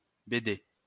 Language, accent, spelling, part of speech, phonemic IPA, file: French, France, BD, noun, /be.de/, LL-Q150 (fra)-BD.wav
- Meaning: comic strip